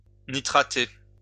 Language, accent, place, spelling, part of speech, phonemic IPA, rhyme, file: French, France, Lyon, nitrater, verb, /ni.tʁa.te/, -e, LL-Q150 (fra)-nitrater.wav
- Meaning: to nitrate